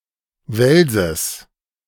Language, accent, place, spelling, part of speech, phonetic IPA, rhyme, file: German, Germany, Berlin, Welses, noun, [ˈvɛlzəs], -ɛlzəs, De-Welses.ogg
- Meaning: genitive singular of Wels